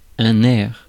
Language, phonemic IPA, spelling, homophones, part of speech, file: French, /ɛʁ/, air, aire / airent / aires / airs / ère / ères / erre / errent / erres / haire / haires / hère / hères, noun, Fr-air.ogg
- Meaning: 1. air (gases of the atmosphere) 2. tune, aria 3. appearance 4. air (pretension)